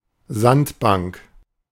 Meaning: sandbank, shoal
- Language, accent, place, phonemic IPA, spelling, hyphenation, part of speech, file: German, Germany, Berlin, /ˈzantˌbaŋk/, Sandbank, Sand‧bank, noun, De-Sandbank.ogg